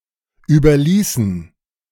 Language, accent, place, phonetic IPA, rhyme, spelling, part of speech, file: German, Germany, Berlin, [ˌyːbɐˈliːsn̩], -iːsn̩, überließen, verb, De-überließen.ogg
- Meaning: inflection of überlassen: 1. first/third-person plural preterite 2. first/third-person plural subjunctive II